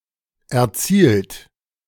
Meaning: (verb) past participle of erzielen: achieved, scored; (adjective) achieved
- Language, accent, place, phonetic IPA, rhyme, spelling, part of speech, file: German, Germany, Berlin, [ɛɐ̯ˈt͡siːlt], -iːlt, erzielt, verb, De-erzielt.ogg